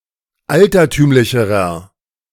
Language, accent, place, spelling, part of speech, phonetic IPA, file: German, Germany, Berlin, altertümlicherer, adjective, [ˈaltɐˌtyːmlɪçəʁɐ], De-altertümlicherer.ogg
- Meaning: inflection of altertümlich: 1. strong/mixed nominative masculine singular comparative degree 2. strong genitive/dative feminine singular comparative degree 3. strong genitive plural comparative degree